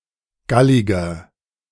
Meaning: 1. comparative degree of gallig 2. inflection of gallig: strong/mixed nominative masculine singular 3. inflection of gallig: strong genitive/dative feminine singular
- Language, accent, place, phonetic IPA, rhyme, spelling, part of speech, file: German, Germany, Berlin, [ˈɡalɪɡɐ], -alɪɡɐ, galliger, adjective, De-galliger.ogg